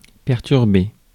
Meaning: 1. to disrupt, to disturb 2. to throw off, to fluster
- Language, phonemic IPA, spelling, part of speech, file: French, /pɛʁ.tyʁ.be/, perturber, verb, Fr-perturber.ogg